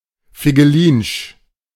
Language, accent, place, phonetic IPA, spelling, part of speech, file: German, Germany, Berlin, [fɪɡəˈliːnʃ], figelinsch, adjective, De-figelinsch.ogg
- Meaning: intricate